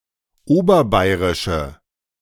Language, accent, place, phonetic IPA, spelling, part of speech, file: German, Germany, Berlin, [ˈoːbɐˌbaɪ̯ʁɪʃə], oberbayerische, adjective, De-oberbayerische.ogg
- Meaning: inflection of oberbayerisch: 1. strong/mixed nominative/accusative feminine singular 2. strong nominative/accusative plural 3. weak nominative all-gender singular